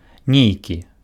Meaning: 1. a certain, certain 2. some
- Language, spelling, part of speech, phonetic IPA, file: Belarusian, нейкі, determiner, [ˈnʲejkʲi], Be-нейкі.ogg